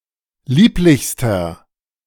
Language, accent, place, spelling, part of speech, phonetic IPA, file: German, Germany, Berlin, lieblichster, adjective, [ˈliːplɪçstɐ], De-lieblichster.ogg
- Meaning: inflection of lieblich: 1. strong/mixed nominative masculine singular superlative degree 2. strong genitive/dative feminine singular superlative degree 3. strong genitive plural superlative degree